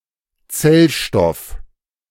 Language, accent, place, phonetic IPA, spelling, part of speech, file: German, Germany, Berlin, [ˈt͡sɛlˌʃtɔf], Zellstoff, noun, De-Zellstoff.ogg
- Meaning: cellulose